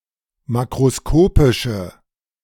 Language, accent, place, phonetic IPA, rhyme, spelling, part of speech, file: German, Germany, Berlin, [ˌmakʁoˈskoːpɪʃə], -oːpɪʃə, makroskopische, adjective, De-makroskopische.ogg
- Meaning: inflection of makroskopisch: 1. strong/mixed nominative/accusative feminine singular 2. strong nominative/accusative plural 3. weak nominative all-gender singular